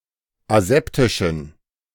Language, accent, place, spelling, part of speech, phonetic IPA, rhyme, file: German, Germany, Berlin, aseptischen, adjective, [aˈzɛptɪʃn̩], -ɛptɪʃn̩, De-aseptischen.ogg
- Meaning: inflection of aseptisch: 1. strong genitive masculine/neuter singular 2. weak/mixed genitive/dative all-gender singular 3. strong/weak/mixed accusative masculine singular 4. strong dative plural